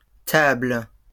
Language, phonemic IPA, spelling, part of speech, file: French, /tabl/, tables, noun / verb, LL-Q150 (fra)-tables.wav
- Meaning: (noun) plural of table; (verb) second-person singular present indicative/subjunctive of tabler